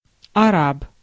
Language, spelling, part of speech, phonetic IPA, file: Russian, араб, noun, [ɐˈrap], Ru-араб.ogg
- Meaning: Arab (by ethnicity)